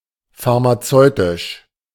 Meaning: pharmaceutical
- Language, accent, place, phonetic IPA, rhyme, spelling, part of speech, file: German, Germany, Berlin, [faʁmaˈt͡sɔɪ̯tɪʃ], -ɔɪ̯tɪʃ, pharmazeutisch, adjective, De-pharmazeutisch.ogg